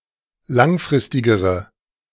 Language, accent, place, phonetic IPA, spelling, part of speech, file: German, Germany, Berlin, [ˈlaŋˌfʁɪstɪɡəʁə], langfristigere, adjective, De-langfristigere.ogg
- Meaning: inflection of langfristig: 1. strong/mixed nominative/accusative feminine singular comparative degree 2. strong nominative/accusative plural comparative degree